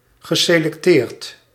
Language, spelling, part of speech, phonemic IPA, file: Dutch, geselecteerd, verb / adjective, /ɣəselɛkˈtert/, Nl-geselecteerd.ogg
- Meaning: past participle of selecteren